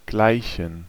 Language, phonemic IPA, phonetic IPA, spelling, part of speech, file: German, /ˈɡlaɪ̯çən/, [ˈɡlaɪ̯çn̩], gleichen, verb / adjective, De-gleichen.ogg
- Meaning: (verb) 1. to be like, to equal to, to resemble 2. to be alike; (adjective) inflection of gleich: 1. strong genitive masculine/neuter singular 2. weak/mixed genitive/dative all-gender singular